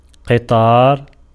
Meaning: 1. row 2. row of camels 3. train
- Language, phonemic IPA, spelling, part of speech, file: Arabic, /qi.tˤaːr/, قطار, noun, Ar-قطار.ogg